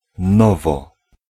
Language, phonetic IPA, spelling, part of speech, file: Polish, [ˈnɔvɔ], nowo, adverb, Pl-nowo.ogg